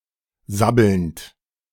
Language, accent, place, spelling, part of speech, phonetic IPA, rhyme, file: German, Germany, Berlin, sabbelnd, verb, [ˈzabl̩nt], -abl̩nt, De-sabbelnd.ogg
- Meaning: present participle of sabbeln